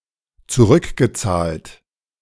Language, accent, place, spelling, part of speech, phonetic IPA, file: German, Germany, Berlin, zurückgezahlt, verb, [t͡suˈʁʏkɡəˌt͡saːlt], De-zurückgezahlt.ogg
- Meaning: past participle of zurückzahlen